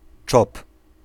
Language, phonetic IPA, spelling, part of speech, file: Polish, [t͡ʃɔp], czop, noun, Pl-czop.ogg